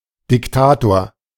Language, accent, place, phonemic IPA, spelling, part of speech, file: German, Germany, Berlin, /dɪkˈtaːtoːɐ̯/, Diktator, noun, De-Diktator.ogg
- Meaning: dictator